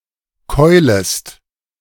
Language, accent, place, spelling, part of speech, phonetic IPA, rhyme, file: German, Germany, Berlin, keulest, verb, [ˈkɔɪ̯ləst], -ɔɪ̯ləst, De-keulest.ogg
- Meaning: second-person singular subjunctive I of keulen